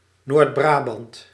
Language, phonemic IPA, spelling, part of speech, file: Dutch, /noːrd.ˈbraː.bɑnt/, Noord-Brabant, proper noun, Nl-Noord-Brabant.ogg
- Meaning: North Brabant, a province of the Netherlands